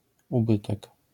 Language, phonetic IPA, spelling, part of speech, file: Polish, [uˈbɨtɛk], ubytek, noun, LL-Q809 (pol)-ubytek.wav